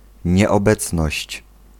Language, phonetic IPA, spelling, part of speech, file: Polish, [ˌɲɛɔˈbɛt͡snɔɕt͡ɕ], nieobecność, noun, Pl-nieobecność.ogg